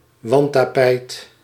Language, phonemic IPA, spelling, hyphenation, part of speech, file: Dutch, /ˈʋɑn(t).taːˌpɛi̯t/, wandtapijt, wand‧ta‧pijt, noun, Nl-wandtapijt.ogg
- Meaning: tapestry